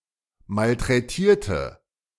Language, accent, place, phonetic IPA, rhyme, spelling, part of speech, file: German, Germany, Berlin, [maltʁɛˈtiːɐ̯tə], -iːɐ̯tə, malträtierte, adjective / verb, De-malträtierte.ogg
- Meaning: inflection of malträtieren: 1. first/third-person singular preterite 2. first/third-person singular subjunctive II